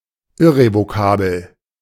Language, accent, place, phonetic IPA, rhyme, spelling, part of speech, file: German, Germany, Berlin, [ɪʁevoˈkaːbl̩], -aːbl̩, irrevokabel, adjective, De-irrevokabel.ogg
- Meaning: irrevokable